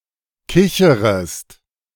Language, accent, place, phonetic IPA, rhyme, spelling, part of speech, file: German, Germany, Berlin, [ˈkɪçəʁəst], -ɪçəʁəst, kicherest, verb, De-kicherest.ogg
- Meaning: second-person singular subjunctive I of kichern